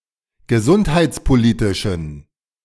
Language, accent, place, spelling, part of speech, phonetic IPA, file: German, Germany, Berlin, gesundheitspolitischen, adjective, [ɡəˈzʊnthaɪ̯t͡spoˌliːtɪʃn̩], De-gesundheitspolitischen.ogg
- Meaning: inflection of gesundheitspolitisch: 1. strong genitive masculine/neuter singular 2. weak/mixed genitive/dative all-gender singular 3. strong/weak/mixed accusative masculine singular